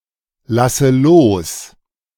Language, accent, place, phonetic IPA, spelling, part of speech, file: German, Germany, Berlin, [ˌlasə ˈloːs], lasse los, verb, De-lasse los.ogg
- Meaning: inflection of loslassen: 1. first-person singular present 2. first/third-person singular subjunctive I 3. singular imperative